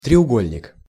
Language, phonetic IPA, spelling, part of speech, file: Russian, [trʲɪʊˈɡolʲnʲɪk], треугольник, noun, Ru-треугольник.ogg
- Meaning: 1. triangle 2. set square, triangle